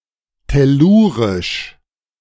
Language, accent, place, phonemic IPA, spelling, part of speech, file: German, Germany, Berlin, /ˌtɛˈluːʁɪʃ/, tellurisch, adjective, De-tellurisch.ogg
- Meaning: tellurian